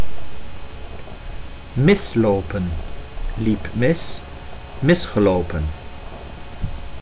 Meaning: to miss while walking, to go wrong
- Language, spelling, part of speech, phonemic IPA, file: Dutch, mislopen, verb, /ˈmɪsˌloː.pə(n)/, Nl-mislopen.ogg